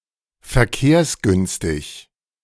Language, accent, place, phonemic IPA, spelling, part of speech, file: German, Germany, Berlin, /fɛɐ̯ˈkeːɐ̯sˌɡʏnstɪç/, verkehrsgünstig, adjective, De-verkehrsgünstig.ogg
- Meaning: well connected by public or private transport